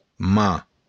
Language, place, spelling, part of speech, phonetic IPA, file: Occitan, Béarn, man, noun, [ma], LL-Q14185 (oci)-man.wav
- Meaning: hand